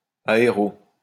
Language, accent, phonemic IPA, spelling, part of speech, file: French, France, /a.e.ʁo/, aéro, noun, LL-Q150 (fra)-aéro.wav
- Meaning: 1. clipping of aéroplane 2. clipping of aérodynamique